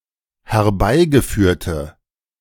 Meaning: inflection of herbeigeführt: 1. strong/mixed nominative/accusative feminine singular 2. strong nominative/accusative plural 3. weak nominative all-gender singular
- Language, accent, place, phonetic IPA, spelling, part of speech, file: German, Germany, Berlin, [hɛɐ̯ˈbaɪ̯ɡəˌfyːɐ̯tə], herbeigeführte, adjective, De-herbeigeführte.ogg